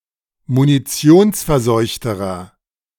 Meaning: inflection of munitionsverseucht: 1. strong/mixed nominative masculine singular comparative degree 2. strong genitive/dative feminine singular comparative degree
- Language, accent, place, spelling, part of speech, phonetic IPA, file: German, Germany, Berlin, munitionsverseuchterer, adjective, [muniˈt͡si̯oːnsfɛɐ̯ˌzɔɪ̯çtəʁɐ], De-munitionsverseuchterer.ogg